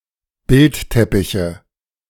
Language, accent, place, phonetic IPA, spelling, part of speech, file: German, Germany, Berlin, [ˈbɪltˌtɛpɪçə], Bildteppiche, noun, De-Bildteppiche.ogg
- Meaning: nominative/accusative/genitive plural of Bildteppich